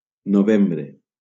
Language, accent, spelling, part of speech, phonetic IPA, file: Catalan, Valencia, novembre, noun, [noˈvem.bɾe], LL-Q7026 (cat)-novembre.wav
- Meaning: November